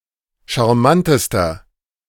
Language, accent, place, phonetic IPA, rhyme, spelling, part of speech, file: German, Germany, Berlin, [ʃaʁˈmantəstɐ], -antəstɐ, charmantester, adjective, De-charmantester.ogg
- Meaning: inflection of charmant: 1. strong/mixed nominative masculine singular superlative degree 2. strong genitive/dative feminine singular superlative degree 3. strong genitive plural superlative degree